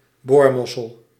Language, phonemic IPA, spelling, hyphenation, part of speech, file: Dutch, /ˈboːrˌmɔ.səl/, boormossel, boor‧mos‧sel, noun, Nl-boormossel.ogg
- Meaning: piddock, angelwing, bivalve of the family Pholadidae; also used for certain bivalves of the family Veneridae (venus clams) that resemble the piddocks